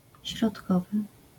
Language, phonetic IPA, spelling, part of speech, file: Polish, [ɕrɔtˈkɔvɨ], środkowy, adjective / noun, LL-Q809 (pol)-środkowy.wav